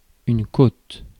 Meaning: 1. rib (bone) 2. hill, slope 3. coast
- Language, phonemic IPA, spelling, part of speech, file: French, /kot/, côte, noun, Fr-côte.ogg